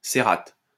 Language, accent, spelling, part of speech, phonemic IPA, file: French, France, cérate, noun, /se.ʁat/, LL-Q150 (fra)-cérate.wav
- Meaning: cerate